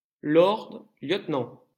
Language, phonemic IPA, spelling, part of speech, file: French, /ljøt.nɑ̃/, lieutenant, noun, LL-Q150 (fra)-lieutenant.wav
- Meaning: 1. lieutenant 2. deputy, right-hand man, second-in-command